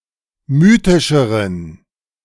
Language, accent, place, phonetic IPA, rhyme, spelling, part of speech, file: German, Germany, Berlin, [ˈmyːtɪʃəʁən], -yːtɪʃəʁən, mythischeren, adjective, De-mythischeren.ogg
- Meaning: inflection of mythisch: 1. strong genitive masculine/neuter singular comparative degree 2. weak/mixed genitive/dative all-gender singular comparative degree